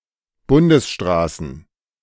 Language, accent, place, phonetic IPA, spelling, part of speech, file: German, Germany, Berlin, [ˈbʊndəsˌʃtʁaːsn̩], Bundesstraßen, noun, De-Bundesstraßen.ogg
- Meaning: plural of Bundesstraße